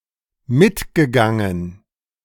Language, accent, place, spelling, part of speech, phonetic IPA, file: German, Germany, Berlin, mitgegangen, verb, [ˈmɪtɡəˌɡaŋən], De-mitgegangen.ogg
- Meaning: past participle of mitgehen